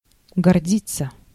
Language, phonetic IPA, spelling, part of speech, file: Russian, [ɡɐrˈdʲit͡sːə], гордиться, verb, Ru-гордиться.ogg
- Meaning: to be proud